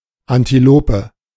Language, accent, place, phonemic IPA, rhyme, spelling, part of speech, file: German, Germany, Berlin, /antiˈloːpə/, -oːpə, Antilope, noun, De-Antilope.ogg
- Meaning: antelope